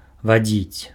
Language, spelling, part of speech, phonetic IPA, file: Belarusian, вадзіць, verb, [vaˈd͡zʲit͡sʲ], Be-вадзіць.ogg
- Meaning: to lead, to conduct